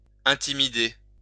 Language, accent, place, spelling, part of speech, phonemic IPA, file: French, France, Lyon, intimider, verb, /ɛ̃.ti.mi.de/, LL-Q150 (fra)-intimider.wav
- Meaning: to intimidate